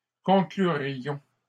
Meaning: first-person plural conditional of conclure
- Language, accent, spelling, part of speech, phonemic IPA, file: French, Canada, conclurions, verb, /kɔ̃.kly.ʁjɔ̃/, LL-Q150 (fra)-conclurions.wav